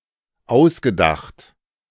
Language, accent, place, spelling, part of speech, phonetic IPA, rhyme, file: German, Germany, Berlin, ausgedacht, verb, [ˈaʊ̯sɡəˌdaxt], -aʊ̯sɡədaxt, De-ausgedacht.ogg
- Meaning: past participle of ausdenken